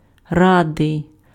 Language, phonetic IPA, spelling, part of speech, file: Ukrainian, [ˈradei̯], радий, adjective, Uk-радий.ogg
- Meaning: glad